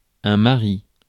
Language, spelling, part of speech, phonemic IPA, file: French, mari, noun, /ma.ʁi/, Fr-mari.ogg
- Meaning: 1. husband 2. cannabis, marijuana